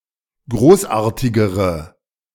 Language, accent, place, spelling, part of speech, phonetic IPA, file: German, Germany, Berlin, großartigere, adjective, [ˈɡʁoːsˌʔaːɐ̯tɪɡəʁə], De-großartigere.ogg
- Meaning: inflection of großartig: 1. strong/mixed nominative/accusative feminine singular comparative degree 2. strong nominative/accusative plural comparative degree